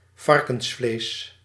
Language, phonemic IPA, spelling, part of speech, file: Dutch, /ˈvɑrkə(n)sˌfleːs/, varkensvlees, noun, Nl-varkensvlees.ogg
- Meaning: pork